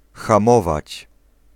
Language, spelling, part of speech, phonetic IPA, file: Polish, hamować, verb, [xãˈmɔvat͡ɕ], Pl-hamować.ogg